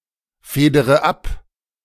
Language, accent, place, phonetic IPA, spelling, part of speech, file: German, Germany, Berlin, [ˌfeːdəʁə ˈap], federe ab, verb, De-federe ab.ogg
- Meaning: inflection of abfedern: 1. first-person singular present 2. first/third-person singular subjunctive I 3. singular imperative